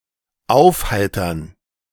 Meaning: 1. to cheer (someone) up 2. to clear (up) (of weather etc.)
- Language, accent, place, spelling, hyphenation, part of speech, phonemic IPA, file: German, Germany, Berlin, aufheitern, auf‧hei‧tern, verb, /ˈaufhaitɐn/, De-aufheitern.ogg